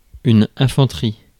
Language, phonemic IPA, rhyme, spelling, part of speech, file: French, /ɛ̃.fɑ̃.tʁi/, -i, infanterie, noun, Fr-infanterie.ogg
- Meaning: infantry